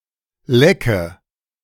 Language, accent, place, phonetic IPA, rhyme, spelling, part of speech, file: German, Germany, Berlin, [ˈlɛkə], -ɛkə, lecke, verb / adjective, De-lecke.ogg
- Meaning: Inflected form of lecken